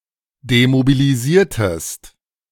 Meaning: inflection of demobilisieren: 1. second-person singular preterite 2. second-person singular subjunctive II
- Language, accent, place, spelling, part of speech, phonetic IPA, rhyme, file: German, Germany, Berlin, demobilisiertest, verb, [demobiliˈziːɐ̯təst], -iːɐ̯təst, De-demobilisiertest.ogg